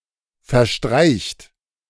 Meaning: inflection of verstreichen: 1. third-person singular present 2. second-person plural present 3. plural imperative
- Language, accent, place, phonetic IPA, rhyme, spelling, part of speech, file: German, Germany, Berlin, [fɛɐ̯ˈʃtʁaɪ̯çt], -aɪ̯çt, verstreicht, verb, De-verstreicht.ogg